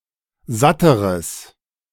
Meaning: strong/mixed nominative/accusative neuter singular comparative degree of satt
- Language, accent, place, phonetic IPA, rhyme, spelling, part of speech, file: German, Germany, Berlin, [ˈzatəʁəs], -atəʁəs, satteres, adjective, De-satteres.ogg